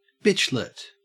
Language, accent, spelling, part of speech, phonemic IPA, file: English, Australia, bitchlet, noun, /ˈbɪt͡ʃ.lət/, En-au-bitchlet.ogg
- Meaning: A little bitch